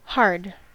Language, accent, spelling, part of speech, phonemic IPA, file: English, US, hard, adjective / adverb / noun / verb, /hɑɹd/, En-us-hard.ogg
- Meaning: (adjective) 1. Solid and firm 2. Solid and firm.: Resistant to pressure; difficult to break, cut, or penetrate 3. Solid and firm.: Strong 4. Solid and firm.: Containing alcohol